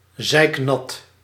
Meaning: soaked, wet
- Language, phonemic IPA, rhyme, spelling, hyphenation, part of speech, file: Dutch, /zɛi̯kˈnɑt/, -ɑt, zeiknat, zeik‧nat, adjective, Nl-zeiknat.ogg